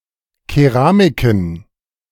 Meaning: plural of Keramik
- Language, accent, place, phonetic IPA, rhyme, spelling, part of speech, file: German, Germany, Berlin, [keˈʁaːmɪkn̩], -aːmɪkn̩, Keramiken, noun, De-Keramiken.ogg